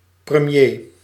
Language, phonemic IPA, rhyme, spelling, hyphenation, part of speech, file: Dutch, /prəˈmjeː/, -eː, premier, pre‧mier, noun, Nl-premier.ogg
- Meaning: prime minister